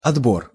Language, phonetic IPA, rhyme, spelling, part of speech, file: Russian, [ɐdˈbor], -or, отбор, noun, Ru-отбор.ogg
- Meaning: 1. selection, choice (process or act of selecting) 2. picking, sampling